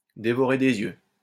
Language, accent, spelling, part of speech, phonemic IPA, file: French, France, dévorer des yeux, verb, /de.vɔ.ʁe de.z‿jø/, LL-Q150 (fra)-dévorer des yeux.wav
- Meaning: to stare hungrily at, to eye intensely, greedily, to eye up and down; to feast one's eyes on, to devour with one's eyes